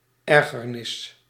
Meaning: irritation, annoyance
- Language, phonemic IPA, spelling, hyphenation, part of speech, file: Dutch, /ˈɛr.ɣərˌnɪs/, ergernis, er‧ger‧nis, noun, Nl-ergernis.ogg